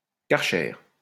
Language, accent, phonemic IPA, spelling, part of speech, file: French, France, /kaʁ.ʃɛʁ/, karcher, noun, LL-Q150 (fra)-karcher.wav
- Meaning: pressure washer